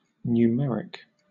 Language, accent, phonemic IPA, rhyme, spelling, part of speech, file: English, Southern England, /n(j)uːˈmɛɹɪk/, -ɛɹɪk, numeric, adjective / noun, LL-Q1860 (eng)-numeric.wav
- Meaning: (adjective) 1. Of or relating to numbers, especially the characters 0 to 9 2. Alternative form of numerical (“the same; identical”)